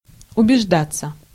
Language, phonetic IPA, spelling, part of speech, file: Russian, [ʊbʲɪʐˈdat͡sːə], убеждаться, verb, Ru-убеждаться.ogg
- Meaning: 1. to be convinced, to receive evidence 2. to make sure, to make certain 3. passive of убежда́ть (ubeždátʹ)